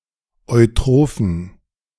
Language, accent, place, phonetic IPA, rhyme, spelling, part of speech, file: German, Germany, Berlin, [ɔɪ̯ˈtʁoːfn̩], -oːfn̩, eutrophen, adjective, De-eutrophen.ogg
- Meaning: inflection of eutroph: 1. strong genitive masculine/neuter singular 2. weak/mixed genitive/dative all-gender singular 3. strong/weak/mixed accusative masculine singular 4. strong dative plural